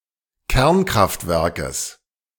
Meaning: genitive singular of Kernkraftwerk
- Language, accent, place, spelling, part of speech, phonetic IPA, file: German, Germany, Berlin, Kernkraftwerkes, noun, [ˈkɛʁnkʁaftˌvɛʁkəs], De-Kernkraftwerkes.ogg